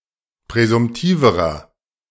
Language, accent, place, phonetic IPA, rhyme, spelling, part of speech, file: German, Germany, Berlin, [pʁɛzʊmˈtiːvəʁɐ], -iːvəʁɐ, präsumtiverer, adjective, De-präsumtiverer.ogg
- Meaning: inflection of präsumtiv: 1. strong/mixed nominative masculine singular comparative degree 2. strong genitive/dative feminine singular comparative degree 3. strong genitive plural comparative degree